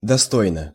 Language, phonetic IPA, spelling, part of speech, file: Russian, [dɐˈstojnə], достойно, adverb / adjective, Ru-достойно.ogg
- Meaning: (adverb) 1. suitably, adequately, in an appropriate/adequate/proper manner 2. with dignity; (adjective) short neuter singular of досто́йный (dostójnyj)